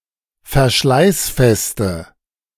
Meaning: inflection of verschleißfest: 1. strong/mixed nominative/accusative feminine singular 2. strong nominative/accusative plural 3. weak nominative all-gender singular
- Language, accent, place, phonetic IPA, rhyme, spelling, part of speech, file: German, Germany, Berlin, [fɛɐ̯ˈʃlaɪ̯sˌfɛstə], -aɪ̯sfɛstə, verschleißfeste, adjective, De-verschleißfeste.ogg